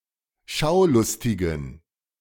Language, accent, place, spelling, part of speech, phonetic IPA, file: German, Germany, Berlin, Schaulustigen, noun, [ˈʃaʊ̯ˌlʊstɪɡn̩], De-Schaulustigen.ogg
- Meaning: genitive singular of Schaulustiger